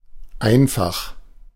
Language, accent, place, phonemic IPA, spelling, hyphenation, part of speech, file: German, Germany, Berlin, /ˈʔaɪ̯nfax/, einfach, ein‧fach, adjective / adverb, De-einfach.ogg
- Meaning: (adjective) 1. easy 2. simple, plain, straightforward 3. single; one-way 4. easy-to-use; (adverb) 1. easily 2. just, simply